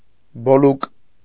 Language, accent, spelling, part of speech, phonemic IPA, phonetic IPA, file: Armenian, Eastern Armenian, բոլուկ, noun, /boˈluk/, [bolúk], Hy-բոլուկ.ogg
- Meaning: group (of animals or soldiers)